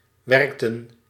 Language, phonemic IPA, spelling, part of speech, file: Dutch, /ʋɛrktə(n)/, werkten, verb, Nl-werkten.ogg
- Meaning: inflection of werken: 1. plural past indicative 2. plural past subjunctive